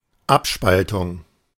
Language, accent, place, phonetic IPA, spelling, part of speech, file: German, Germany, Berlin, [ˈapˌʃpaltʊŋ], Abspaltung, noun, De-Abspaltung.ogg
- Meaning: 1. secession 2. dissociation 3. elimination